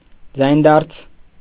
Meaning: ablaut
- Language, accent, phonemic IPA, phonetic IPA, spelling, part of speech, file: Armenian, Eastern Armenian, /d͡zɑjnˈdɑɾt͡sʰ/, [d͡zɑjndɑ́ɾt͡sʰ], ձայնդարձ, noun, Hy-ձայնդարձ.ogg